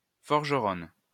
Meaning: female equivalent of forgeron
- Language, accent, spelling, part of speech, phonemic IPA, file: French, France, forgeronne, noun, /fɔʁ.ʒə.ʁɔn/, LL-Q150 (fra)-forgeronne.wav